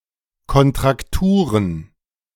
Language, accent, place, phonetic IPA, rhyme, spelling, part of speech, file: German, Germany, Berlin, [kɔntʁakˈtuːʁən], -uːʁən, Kontrakturen, noun, De-Kontrakturen.ogg
- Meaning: plural of Kontraktur